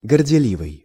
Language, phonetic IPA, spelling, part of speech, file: Russian, [ɡərdʲɪˈlʲivɨj], горделивый, adjective, Ru-горделивый.ogg
- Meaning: arrogant, haughty, proud (having excessive pride)